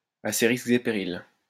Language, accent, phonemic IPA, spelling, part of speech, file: French, France, /a se ʁis.k(ə).z‿e pe.ʁil/, à ses risques et périls, adverb, LL-Q150 (fra)-à ses risques et périls.wav
- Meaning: at one's own risk, at one's own peril, on one's own account